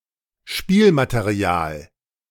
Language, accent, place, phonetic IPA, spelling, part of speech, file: German, Germany, Berlin, [ˈʃpiːlmateˌʁi̯aːl], Spielmaterial, noun, De-Spielmaterial.ogg
- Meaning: 1. components of a board game 2. toys